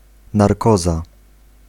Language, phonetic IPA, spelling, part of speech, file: Polish, [narˈkɔza], narkoza, noun, Pl-narkoza.ogg